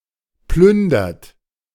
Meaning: inflection of plündern: 1. third-person singular present 2. second-person plural present 3. plural imperative
- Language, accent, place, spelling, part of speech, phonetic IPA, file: German, Germany, Berlin, plündert, verb, [ˈplʏndɐt], De-plündert.ogg